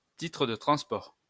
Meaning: ticket, transport ticket
- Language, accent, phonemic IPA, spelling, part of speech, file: French, France, /ti.tʁə də tʁɑ̃s.pɔʁ/, titre de transport, noun, LL-Q150 (fra)-titre de transport.wav